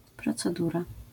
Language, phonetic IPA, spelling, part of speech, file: Polish, [ˌprɔt͡sɛˈdura], procedura, noun, LL-Q809 (pol)-procedura.wav